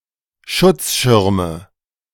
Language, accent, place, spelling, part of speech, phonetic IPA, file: German, Germany, Berlin, Schutzschirme, noun, [ˈʃʊt͡sˌʃɪʁmə], De-Schutzschirme.ogg
- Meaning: nominative/accusative/genitive plural of Schutzschirm